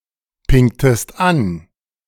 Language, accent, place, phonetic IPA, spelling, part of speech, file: German, Germany, Berlin, [ˌpɪŋtəst ˈan], pingtest an, verb, De-pingtest an.ogg
- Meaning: inflection of anpingen: 1. second-person singular preterite 2. second-person singular subjunctive II